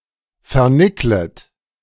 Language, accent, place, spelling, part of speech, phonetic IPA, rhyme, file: German, Germany, Berlin, vernicklet, verb, [fɛɐ̯ˈnɪklət], -ɪklət, De-vernicklet.ogg
- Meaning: second-person plural subjunctive I of vernickeln